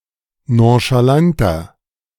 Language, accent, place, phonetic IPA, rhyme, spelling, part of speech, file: German, Germany, Berlin, [ˌnõʃaˈlantɐ], -antɐ, nonchalanter, adjective, De-nonchalanter.ogg
- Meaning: 1. comparative degree of nonchalant 2. inflection of nonchalant: strong/mixed nominative masculine singular 3. inflection of nonchalant: strong genitive/dative feminine singular